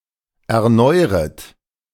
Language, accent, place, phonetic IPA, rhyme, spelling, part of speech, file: German, Germany, Berlin, [ɛɐ̯ˈnɔɪ̯ʁət], -ɔɪ̯ʁət, erneuret, verb, De-erneuret.ogg
- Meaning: second-person plural subjunctive I of erneuern